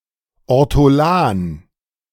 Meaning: ortolan (Emberiza hortulana)
- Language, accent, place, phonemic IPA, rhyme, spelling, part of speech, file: German, Germany, Berlin, /ɔʁtoˈlaːn/, -aːn, Ortolan, noun, De-Ortolan.ogg